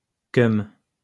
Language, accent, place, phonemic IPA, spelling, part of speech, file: French, France, Lyon, /kœm/, keum, noun, LL-Q150 (fra)-keum.wav
- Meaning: bloke, guy